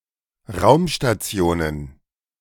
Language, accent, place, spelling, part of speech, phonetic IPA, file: German, Germany, Berlin, Raumstationen, noun, [ˈʁaʊ̯mʃtat͡si̯oːnən], De-Raumstationen.ogg
- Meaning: plural of Raumstation